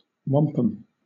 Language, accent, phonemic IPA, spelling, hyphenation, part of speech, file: English, Southern England, /ˈwɒmpəm/, wampum, wam‧pum, noun, LL-Q1860 (eng)-wampum.wav